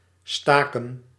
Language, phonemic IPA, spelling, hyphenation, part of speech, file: Dutch, /ˈstaː.kə(n)/, staken, sta‧ken, verb, Nl-staken.ogg
- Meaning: 1. to strike, go on a strike 2. to suspend, to cease 3. to support (a plant) with stakes 4. inflection of steken: plural past indicative 5. inflection of steken: plural past subjunctive